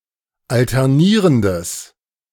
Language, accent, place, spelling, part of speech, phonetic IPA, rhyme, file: German, Germany, Berlin, alternierendes, adjective, [ˌaltɛʁˈniːʁəndəs], -iːʁəndəs, De-alternierendes.ogg
- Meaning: strong/mixed nominative/accusative neuter singular of alternierend